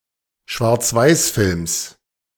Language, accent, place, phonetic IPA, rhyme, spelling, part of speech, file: German, Germany, Berlin, [ʃvaʁt͡sˈvaɪ̯sˌfɪlms], -aɪ̯sfɪlms, Schwarzweißfilms, noun, De-Schwarzweißfilms.ogg
- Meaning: genitive singular of Schwarzweißfilm